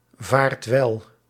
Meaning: inflection of welvaren: 1. second/third-person singular present indicative 2. plural imperative
- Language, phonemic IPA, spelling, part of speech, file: Dutch, /ˈvart ˈwɛl/, vaart wel, verb, Nl-vaart wel.ogg